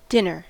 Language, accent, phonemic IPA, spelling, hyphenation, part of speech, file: English, US, /ˈdɪnɚ/, dinner, din‧ner, noun / verb, En-us-dinner.ogg
- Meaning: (noun) 1. The main meal of the day, often eaten in the evening 2. An evening meal 3. A midday meal (in a context in which the evening meal is called supper or tea) 4. A meal given to an animal